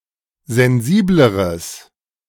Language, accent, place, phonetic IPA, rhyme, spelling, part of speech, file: German, Germany, Berlin, [zɛnˈziːbləʁəs], -iːbləʁəs, sensibleres, adjective, De-sensibleres.ogg
- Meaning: strong/mixed nominative/accusative neuter singular comparative degree of sensibel